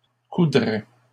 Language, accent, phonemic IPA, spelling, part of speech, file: French, Canada, /ku.dʁɛ/, coudraient, verb, LL-Q150 (fra)-coudraient.wav
- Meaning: third-person plural conditional of coudre